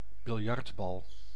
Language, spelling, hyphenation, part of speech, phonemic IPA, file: Dutch, biljartbal, bil‧jart‧bal, noun, /bɪlˈjɑrtˌbɑl/, Nl-biljartbal.ogg
- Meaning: billiard ball